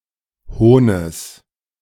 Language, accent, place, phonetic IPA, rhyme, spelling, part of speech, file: German, Germany, Berlin, [ˈhoːnəs], -oːnəs, Hohnes, noun, De-Hohnes.ogg
- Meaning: genitive singular of Hohn